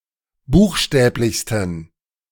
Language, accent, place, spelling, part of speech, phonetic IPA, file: German, Germany, Berlin, buchstäblichsten, adjective, [ˈbuːxˌʃtɛːplɪçstn̩], De-buchstäblichsten.ogg
- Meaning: 1. superlative degree of buchstäblich 2. inflection of buchstäblich: strong genitive masculine/neuter singular superlative degree